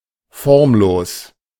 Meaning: 1. formless, shapeless 2. amorphous
- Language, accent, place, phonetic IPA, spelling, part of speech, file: German, Germany, Berlin, [ˈfɔʁmˌloːs], formlos, adjective, De-formlos.ogg